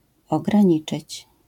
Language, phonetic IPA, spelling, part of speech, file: Polish, [ˌɔɡrãˈɲit͡ʃɨt͡ɕ], ograniczyć, verb, LL-Q809 (pol)-ograniczyć.wav